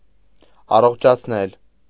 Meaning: causative of առողջանալ (aṙoġǰanal): to restore to health, to cure
- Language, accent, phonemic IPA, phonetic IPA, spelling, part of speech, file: Armenian, Eastern Armenian, /ɑroχt͡ʃʰɑt͡sʰˈnel/, [ɑroχt͡ʃʰɑt͡sʰnél], առողջացնել, verb, Hy-առողջացնել.ogg